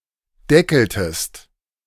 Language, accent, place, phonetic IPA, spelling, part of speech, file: German, Germany, Berlin, [ˈdɛkl̩təst], deckeltest, verb, De-deckeltest.ogg
- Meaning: inflection of deckeln: 1. second-person singular preterite 2. second-person singular subjunctive II